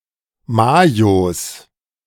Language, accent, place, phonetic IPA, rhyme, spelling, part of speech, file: German, Germany, Berlin, [ˈmaːjos], -aːjos, Mayos, noun, De-Mayos.ogg
- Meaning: plural of Mayo